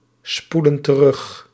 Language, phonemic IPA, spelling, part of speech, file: Dutch, /ˈspulə(n) t(ə)ˈrʏx/, spoelen terug, verb, Nl-spoelen terug.ogg
- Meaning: inflection of terugspoelen: 1. plural present indicative 2. plural present subjunctive